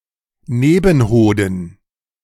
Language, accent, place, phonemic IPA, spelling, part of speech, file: German, Germany, Berlin, /ˈneːbn̩ˌhoːdn̩/, Nebenhoden, noun, De-Nebenhoden.ogg
- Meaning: epididymis